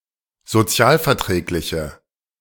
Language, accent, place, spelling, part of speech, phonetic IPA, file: German, Germany, Berlin, sozialverträgliche, adjective, [zoˈt͡si̯aːlfɛɐ̯ˌtʁɛːklɪçə], De-sozialverträgliche.ogg
- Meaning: inflection of sozialverträglich: 1. strong/mixed nominative/accusative feminine singular 2. strong nominative/accusative plural 3. weak nominative all-gender singular